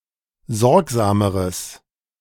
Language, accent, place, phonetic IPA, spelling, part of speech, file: German, Germany, Berlin, [ˈzɔʁkzaːməʁəs], sorgsameres, adjective, De-sorgsameres.ogg
- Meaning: strong/mixed nominative/accusative neuter singular comparative degree of sorgsam